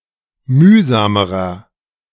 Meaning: inflection of mühsam: 1. strong/mixed nominative masculine singular comparative degree 2. strong genitive/dative feminine singular comparative degree 3. strong genitive plural comparative degree
- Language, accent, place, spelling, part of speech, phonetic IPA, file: German, Germany, Berlin, mühsamerer, adjective, [ˈmyːzaːməʁɐ], De-mühsamerer.ogg